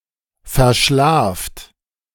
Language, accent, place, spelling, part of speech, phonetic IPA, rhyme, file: German, Germany, Berlin, verschlaft, verb, [fɛɐ̯ˈʃlaːft], -aːft, De-verschlaft.ogg
- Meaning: inflection of verschlafen: 1. plural imperative 2. second-person plural present